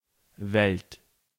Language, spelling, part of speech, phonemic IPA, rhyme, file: German, Welt, noun, /vɛlt/, -ɛlt, De-Welt.ogg
- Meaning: world